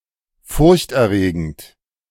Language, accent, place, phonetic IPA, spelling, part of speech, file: German, Germany, Berlin, [fʊʁçt ɛɐ̯ˈʁeːɡn̩t], Furcht erregend, phrase, De-Furcht erregend.ogg
- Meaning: alternative form of furchterregend